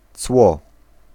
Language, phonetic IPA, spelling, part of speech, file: Polish, [t͡swɔ], cło, noun, Pl-cło.ogg